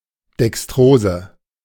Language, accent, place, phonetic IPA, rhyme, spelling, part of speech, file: German, Germany, Berlin, [dɛksˈtʁoːzə], -oːzə, Dextrose, noun, De-Dextrose.ogg
- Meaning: dextrose (naturally-occurring form of glucose)